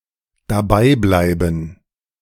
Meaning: to stay there
- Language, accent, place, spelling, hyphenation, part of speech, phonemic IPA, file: German, Germany, Berlin, dableiben, da‧blei‧ben, verb, /ˈdaːˌblaɪ̯bn̩/, De-dableiben.ogg